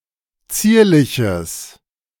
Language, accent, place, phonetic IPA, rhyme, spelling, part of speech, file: German, Germany, Berlin, [ˈt͡siːɐ̯lɪçəs], -iːɐ̯lɪçəs, zierliches, adjective, De-zierliches.ogg
- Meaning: strong/mixed nominative/accusative neuter singular of zierlich